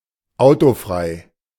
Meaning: carfree
- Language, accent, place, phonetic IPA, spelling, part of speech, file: German, Germany, Berlin, [ˈaʊ̯toˌfʁaɪ̯], autofrei, adjective, De-autofrei.ogg